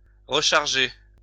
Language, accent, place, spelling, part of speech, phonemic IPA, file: French, France, Lyon, recharger, verb, /ʁə.ʃaʁ.ʒe/, LL-Q150 (fra)-recharger.wav
- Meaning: 1. to recharge (add more electricity to) 2. to reload (e.g. a gun)